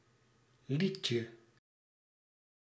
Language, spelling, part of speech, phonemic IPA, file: Dutch, liedje, noun, /ˈlicə/, Nl-liedje.ogg
- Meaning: diminutive of lied